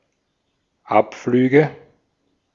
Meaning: nominative/accusative/genitive plural of Abflug
- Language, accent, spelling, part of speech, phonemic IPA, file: German, Austria, Abflüge, noun, /ˈʔapˌflyːɡə/, De-at-Abflüge.ogg